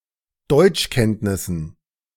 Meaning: dative plural of Deutschkenntnis
- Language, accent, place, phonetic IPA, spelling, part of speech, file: German, Germany, Berlin, [ˈdɔɪ̯t͡ʃˌkɛntnɪsn̩], Deutschkenntnissen, noun, De-Deutschkenntnissen.ogg